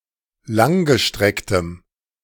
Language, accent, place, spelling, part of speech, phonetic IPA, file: German, Germany, Berlin, langgestrecktem, adjective, [ˈlaŋɡəˌʃtʁɛktəm], De-langgestrecktem.ogg
- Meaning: strong dative masculine/neuter singular of langgestreckt